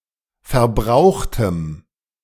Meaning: strong dative masculine/neuter singular of verbraucht
- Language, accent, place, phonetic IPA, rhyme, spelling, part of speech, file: German, Germany, Berlin, [fɛɐ̯ˈbʁaʊ̯xtəm], -aʊ̯xtəm, verbrauchtem, adjective, De-verbrauchtem.ogg